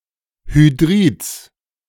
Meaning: genitive singular of Hydrid
- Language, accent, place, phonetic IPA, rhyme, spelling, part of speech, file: German, Germany, Berlin, [hyˈdʁiːt͡s], -iːt͡s, Hydrids, noun, De-Hydrids.ogg